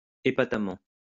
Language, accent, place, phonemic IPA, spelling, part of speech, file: French, France, Lyon, /e.pa.ta.mɑ̃/, épatamment, adverb, LL-Q150 (fra)-épatamment.wav
- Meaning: 1. surprisingly 2. impressively